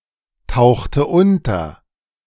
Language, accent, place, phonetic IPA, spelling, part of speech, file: German, Germany, Berlin, [ˌtaʊ̯xtə ˈʊntɐ], tauchte unter, verb, De-tauchte unter.ogg
- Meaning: inflection of untertauchen: 1. first/third-person singular preterite 2. first/third-person singular subjunctive II